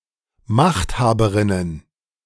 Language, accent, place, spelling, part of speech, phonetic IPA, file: German, Germany, Berlin, Machthaberinnen, noun, [ˈmaxtˌhaːbəʁɪnən], De-Machthaberinnen.ogg
- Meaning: plural of Machthaberin